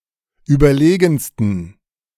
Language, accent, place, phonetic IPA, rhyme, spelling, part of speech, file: German, Germany, Berlin, [ˌyːbɐˈleːɡn̩stən], -eːɡn̩stən, überlegensten, adjective, De-überlegensten.ogg
- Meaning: 1. superlative degree of überlegen 2. inflection of überlegen: strong genitive masculine/neuter singular superlative degree